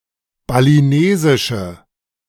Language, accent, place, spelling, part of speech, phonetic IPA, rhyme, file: German, Germany, Berlin, balinesische, adjective, [baliˈneːzɪʃə], -eːzɪʃə, De-balinesische.ogg
- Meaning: inflection of balinesisch: 1. strong/mixed nominative/accusative feminine singular 2. strong nominative/accusative plural 3. weak nominative all-gender singular